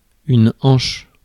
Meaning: 1. hip 2. coxa
- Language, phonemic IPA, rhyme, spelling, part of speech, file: French, /ɑ̃ʃ/, -ɑ̃ʃ, hanche, noun, Fr-hanche.ogg